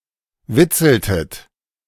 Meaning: inflection of witzeln: 1. second-person plural preterite 2. second-person plural subjunctive II
- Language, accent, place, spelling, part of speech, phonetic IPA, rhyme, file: German, Germany, Berlin, witzeltet, verb, [ˈvɪt͡sl̩tət], -ɪt͡sl̩tət, De-witzeltet.ogg